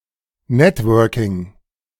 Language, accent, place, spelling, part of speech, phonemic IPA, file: German, Germany, Berlin, Networking, noun, /ˈnɛtwœʁkɪŋ/, De-Networking.ogg
- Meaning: networking (meeting new people)